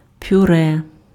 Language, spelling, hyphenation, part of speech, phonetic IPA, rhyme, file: Ukrainian, пюре, пю‧ре, noun, [pʲʊˈrɛ], -rɛ, Uk-пюре.ogg
- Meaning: puree